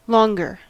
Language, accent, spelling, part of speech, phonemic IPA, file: English, US, longer, adjective / adverb, /ˈlɔŋ.ɡɚ/, En-us-longer.ogg
- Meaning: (adjective) comparative form of long: more long